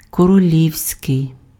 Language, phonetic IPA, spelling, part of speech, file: Ukrainian, [kɔroˈlʲiu̯sʲkei̯], королівський, adjective, Uk-королівський.ogg
- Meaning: 1. royal (of or relating to a monarch or their family) 2. kingly